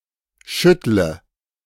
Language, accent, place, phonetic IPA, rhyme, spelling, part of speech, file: German, Germany, Berlin, [ˈʃʏtlə], -ʏtlə, schüttle, verb, De-schüttle.ogg
- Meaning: inflection of schütteln: 1. first-person singular present 2. singular imperative 3. first/third-person singular subjunctive I